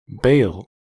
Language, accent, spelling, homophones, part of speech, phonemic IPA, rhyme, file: English, US, bale, bail, noun / verb, /beɪl/, -eɪl, En-us-bale.ogg
- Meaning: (noun) 1. Evil, especially considered as an active force for destruction or death 2. Suffering, woe, torment 3. A large fire, a conflagration or bonfire 4. A funeral pyre 5. A beacon-fire